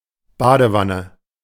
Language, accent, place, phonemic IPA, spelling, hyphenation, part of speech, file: German, Germany, Berlin, /ˈbaːdəˌvanə/, Badewanne, Ba‧de‧wan‧ne, noun, De-Badewanne.ogg
- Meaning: bathtub